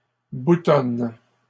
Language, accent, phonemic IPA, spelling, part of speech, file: French, Canada, /bu.tɔn/, boutonnes, verb, LL-Q150 (fra)-boutonnes.wav
- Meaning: second-person singular present indicative/subjunctive of boutonner